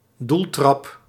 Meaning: goal kick
- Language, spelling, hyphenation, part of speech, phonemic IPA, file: Dutch, doeltrap, doel‧trap, noun, /ˈdul.trɑp/, Nl-doeltrap.ogg